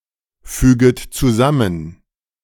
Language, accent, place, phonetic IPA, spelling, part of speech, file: German, Germany, Berlin, [ˌfyːɡət t͡suˈzamən], füget zusammen, verb, De-füget zusammen.ogg
- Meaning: second-person plural subjunctive I of zusammenfügen